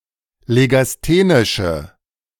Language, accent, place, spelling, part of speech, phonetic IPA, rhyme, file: German, Germany, Berlin, legasthenische, adjective, [leɡasˈteːnɪʃə], -eːnɪʃə, De-legasthenische.ogg
- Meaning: inflection of legasthenisch: 1. strong/mixed nominative/accusative feminine singular 2. strong nominative/accusative plural 3. weak nominative all-gender singular